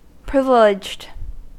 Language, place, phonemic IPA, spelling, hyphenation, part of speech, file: English, California, /ˈpɹɪv(ɪ)lɪd͡ʒd/, privileged, priv‧i‧leged, verb / adjective, En-us-privileged.ogg
- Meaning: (verb) simple past and past participle of privilege; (adjective) 1. Having special privileges 2. Not subject to legal discovery due to a protected status